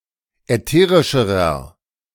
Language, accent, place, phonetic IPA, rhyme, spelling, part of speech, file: German, Germany, Berlin, [ɛˈteːʁɪʃəʁɐ], -eːʁɪʃəʁɐ, ätherischerer, adjective, De-ätherischerer.ogg
- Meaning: inflection of ätherisch: 1. strong/mixed nominative masculine singular comparative degree 2. strong genitive/dative feminine singular comparative degree 3. strong genitive plural comparative degree